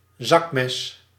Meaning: pocketknife
- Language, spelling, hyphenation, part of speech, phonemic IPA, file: Dutch, zakmes, zak‧mes, noun, /ˈzɑk.mɛs/, Nl-zakmes.ogg